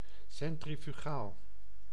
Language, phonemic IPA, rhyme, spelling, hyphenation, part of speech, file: Dutch, /ˌsɛn.tri.fyˈɣaːl/, -aːl, centrifugaal, cen‧tri‧fu‧gaal, adjective, Nl-centrifugaal.ogg
- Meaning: centrifugal